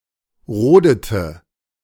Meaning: inflection of roden: 1. first/third-person singular preterite 2. first/third-person singular subjunctive II
- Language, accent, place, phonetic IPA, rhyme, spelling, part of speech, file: German, Germany, Berlin, [ˈʁoːdətə], -oːdətə, rodete, verb, De-rodete.ogg